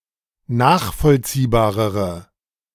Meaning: inflection of nachvollziehbar: 1. strong/mixed nominative/accusative feminine singular comparative degree 2. strong nominative/accusative plural comparative degree
- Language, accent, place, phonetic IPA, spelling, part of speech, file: German, Germany, Berlin, [ˈnaːxfɔlt͡siːbaːʁəʁə], nachvollziehbarere, adjective, De-nachvollziehbarere.ogg